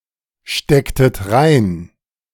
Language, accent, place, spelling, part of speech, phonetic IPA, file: German, Germany, Berlin, stecktet rein, verb, [ˌʃtɛktət ˈʁaɪ̯n], De-stecktet rein.ogg
- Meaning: inflection of reinstecken: 1. second-person plural preterite 2. second-person plural subjunctive II